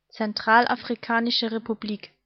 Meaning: Central African Republic (a country in Central Africa)
- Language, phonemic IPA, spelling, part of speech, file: German, /tsɛnˈtʁaːlʔaːfʁiˌkaːnɪʃə ˌʁepuˈbliːk/, Zentralafrikanische Republik, proper noun, De-Zentralafrikanische Republik.ogg